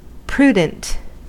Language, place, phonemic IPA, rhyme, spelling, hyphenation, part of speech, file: English, California, /ˈpɹu.dənt/, -uːdənt, prudent, pru‧dent, adjective, En-us-prudent.ogg
- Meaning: 1. Sagacious in adapting means to ends; circumspect in action, or in determining any line of conduct 2. Practically wise, judicious, shrewd 3. Frugal; economical; not extravagant